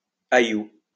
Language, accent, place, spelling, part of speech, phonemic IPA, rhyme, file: French, France, Lyon, ayoù, adverb, /a.ju/, -ju, LL-Q150 (fra)-ayoù.wav
- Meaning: alternative form of éyoù, where